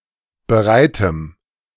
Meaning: strong dative masculine/neuter singular of bereit
- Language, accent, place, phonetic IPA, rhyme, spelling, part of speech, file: German, Germany, Berlin, [bəˈʁaɪ̯təm], -aɪ̯təm, bereitem, adjective, De-bereitem.ogg